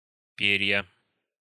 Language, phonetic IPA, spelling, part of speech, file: Russian, [ˈpʲerʲjə], перья, noun, Ru-перья.ogg
- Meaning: nominative/accusative plural of перо́ (peró)